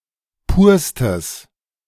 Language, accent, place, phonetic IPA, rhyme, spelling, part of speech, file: German, Germany, Berlin, [ˈpuːɐ̯stəs], -uːɐ̯stəs, purstes, adjective, De-purstes.ogg
- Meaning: strong/mixed nominative/accusative neuter singular superlative degree of pur